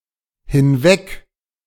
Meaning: A verbal prefix indicating movement away from the speaker
- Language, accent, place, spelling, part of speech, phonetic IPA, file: German, Germany, Berlin, hinweg-, prefix, [hɪnˈvɛk], De-hinweg-.ogg